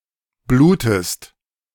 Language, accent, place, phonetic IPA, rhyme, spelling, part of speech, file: German, Germany, Berlin, [ˈbluːtəst], -uːtəst, blutest, verb, De-blutest.ogg
- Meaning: inflection of bluten: 1. second-person singular present 2. second-person singular subjunctive I